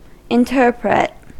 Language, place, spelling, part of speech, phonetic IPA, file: English, California, interpret, verb, [ɛnˈtɝ.pɹɛt], En-us-interpret.ogg
- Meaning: To decode the meaning of a topic and then act, whether to continue researching the topic, follow through, act in opposition, or further the understanding through sharing an interpretation